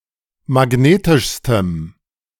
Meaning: strong dative masculine/neuter singular superlative degree of magnetisch
- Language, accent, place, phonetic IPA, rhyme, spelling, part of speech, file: German, Germany, Berlin, [maˈɡneːtɪʃstəm], -eːtɪʃstəm, magnetischstem, adjective, De-magnetischstem.ogg